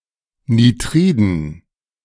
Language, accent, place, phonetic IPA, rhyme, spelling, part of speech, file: German, Germany, Berlin, [niˈtʁiːdn̩], -iːdn̩, Nitriden, noun, De-Nitriden.ogg
- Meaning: dative plural of Nitrid